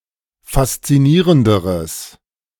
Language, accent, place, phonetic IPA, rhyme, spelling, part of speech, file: German, Germany, Berlin, [fast͡siˈniːʁəndəʁəs], -iːʁəndəʁəs, faszinierenderes, adjective, De-faszinierenderes.ogg
- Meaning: strong/mixed nominative/accusative neuter singular comparative degree of faszinierend